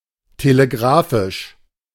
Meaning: telegraphic
- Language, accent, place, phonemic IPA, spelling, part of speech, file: German, Germany, Berlin, /teleˈɡʁaːfɪʃ/, telegrafisch, adjective, De-telegrafisch.ogg